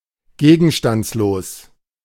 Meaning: 1. insubstantial 2. lapsed, obsolete, void
- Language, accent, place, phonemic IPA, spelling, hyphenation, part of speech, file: German, Germany, Berlin, /ˈɡeːɡn̩ʃtant͡sloːs/, gegenstandslos, ge‧gen‧stands‧los, adjective, De-gegenstandslos.ogg